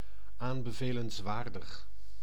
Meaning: recommendable, advisable
- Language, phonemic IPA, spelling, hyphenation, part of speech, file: Dutch, /ˌaːn.bə.veː.lənsˈʋaːr.dəx/, aanbevelenswaardig, aan‧be‧ve‧lens‧waar‧dig, adjective, Nl-aanbevelenswaardig.ogg